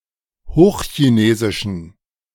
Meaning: genitive singular of Hochchinesisch
- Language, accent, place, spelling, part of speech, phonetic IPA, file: German, Germany, Berlin, Hochchinesischen, noun, [ˈhoːxçiˌneːzɪʃn̩], De-Hochchinesischen.ogg